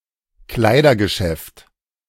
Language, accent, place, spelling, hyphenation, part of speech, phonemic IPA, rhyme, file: German, Germany, Berlin, Kleidergeschäft, Klei‧der‧ge‧schäft, noun, /ˈklaɪ̯dɐɡəˌʃɛft/, -ɛft, De-Kleidergeschäft.ogg
- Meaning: clothes shop, clothing store